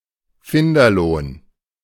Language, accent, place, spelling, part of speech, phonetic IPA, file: German, Germany, Berlin, Finderlohn, noun, [ˈfɪndɐˌloːn], De-Finderlohn.ogg
- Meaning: finder's fee, finder's reward (reward paid for returning a lost item)